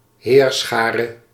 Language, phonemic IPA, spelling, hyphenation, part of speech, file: Dutch, /ˈɦeːr.sxaː.rə/, heerschare, heer‧scha‧re, noun, Nl-heerschare.ogg
- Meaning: host, army